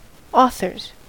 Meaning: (noun) plural of author; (verb) third-person singular simple present indicative of author
- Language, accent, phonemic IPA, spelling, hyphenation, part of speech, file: English, US, /ˈɔ.θɚz/, authors, au‧thors, noun / verb, En-us-authors.ogg